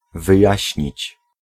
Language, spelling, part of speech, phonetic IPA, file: Polish, wyjaśnić, verb, [vɨˈjäɕɲit͡ɕ], Pl-wyjaśnić.ogg